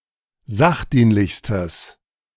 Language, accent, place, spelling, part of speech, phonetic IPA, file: German, Germany, Berlin, sachdienlichstes, adjective, [ˈzaxˌdiːnlɪçstəs], De-sachdienlichstes.ogg
- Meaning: strong/mixed nominative/accusative neuter singular superlative degree of sachdienlich